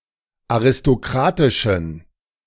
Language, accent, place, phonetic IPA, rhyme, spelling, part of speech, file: German, Germany, Berlin, [aʁɪstoˈkʁaːtɪʃn̩], -aːtɪʃn̩, aristokratischen, adjective, De-aristokratischen.ogg
- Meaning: inflection of aristokratisch: 1. strong genitive masculine/neuter singular 2. weak/mixed genitive/dative all-gender singular 3. strong/weak/mixed accusative masculine singular 4. strong dative plural